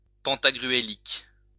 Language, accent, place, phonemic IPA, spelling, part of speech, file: French, France, Lyon, /pɑ̃.ta.ɡʁy.e.lik/, pantagruélique, adjective, LL-Q150 (fra)-pantagruélique.wav
- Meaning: pantagruelian